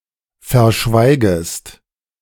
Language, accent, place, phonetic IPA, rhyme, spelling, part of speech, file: German, Germany, Berlin, [fɛɐ̯ˈʃvaɪ̯ɡəst], -aɪ̯ɡəst, verschweigest, verb, De-verschweigest.ogg
- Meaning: second-person singular subjunctive I of verschweigen